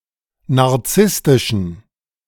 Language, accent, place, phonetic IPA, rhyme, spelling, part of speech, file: German, Germany, Berlin, [naʁˈt͡sɪstɪʃn̩], -ɪstɪʃn̩, narzisstischen, adjective, De-narzisstischen.ogg
- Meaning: inflection of narzisstisch: 1. strong genitive masculine/neuter singular 2. weak/mixed genitive/dative all-gender singular 3. strong/weak/mixed accusative masculine singular 4. strong dative plural